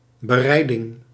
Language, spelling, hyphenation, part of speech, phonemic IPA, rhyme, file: Dutch, bereiding, be‧rei‧ding, noun, /bəˈrɛi̯.dɪŋ/, -ɛi̯dɪŋ, Nl-bereiding.ogg
- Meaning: preparation (of food)